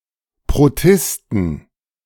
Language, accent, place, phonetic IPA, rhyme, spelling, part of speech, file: German, Germany, Berlin, [pʁoˈtɪstn̩], -ɪstn̩, Protisten, noun, De-Protisten.ogg
- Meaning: plural of Protist